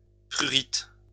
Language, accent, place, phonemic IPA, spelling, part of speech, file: French, France, Lyon, /pʁy.ʁit/, prurit, noun, LL-Q150 (fra)-prurit.wav
- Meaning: 1. itch, itchiness 2. itch, in the sense of a desire or want